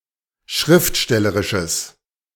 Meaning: strong/mixed nominative/accusative neuter singular of schriftstellerisch
- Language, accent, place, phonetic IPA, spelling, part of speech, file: German, Germany, Berlin, [ˈʃʁɪftˌʃtɛləʁɪʃəs], schriftstellerisches, adjective, De-schriftstellerisches.ogg